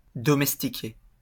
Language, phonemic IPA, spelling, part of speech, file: French, /dɔ.mɛs.ti.ke/, domestiquer, verb, LL-Q150 (fra)-domestiquer.wav
- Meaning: to tame (an animal, etc.)